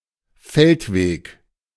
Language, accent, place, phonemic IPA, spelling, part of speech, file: German, Germany, Berlin, /ˈfɛltˌveːk/, Feldweg, noun, De-Feldweg.ogg
- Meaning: dirt road